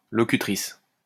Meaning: female equivalent of locuteur
- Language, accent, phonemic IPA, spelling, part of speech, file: French, France, /lɔ.ky.tʁis/, locutrice, noun, LL-Q150 (fra)-locutrice.wav